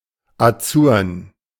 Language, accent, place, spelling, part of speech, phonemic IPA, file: German, Germany, Berlin, azurn, adjective, /aˈt͡suːɐ̯n/, De-azurn.ogg
- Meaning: azure